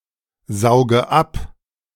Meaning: inflection of absaugen: 1. first-person singular present 2. first/third-person singular subjunctive I 3. singular imperative
- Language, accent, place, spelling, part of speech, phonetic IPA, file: German, Germany, Berlin, sauge ab, verb, [ˌzaʊ̯ɡə ˈap], De-sauge ab.ogg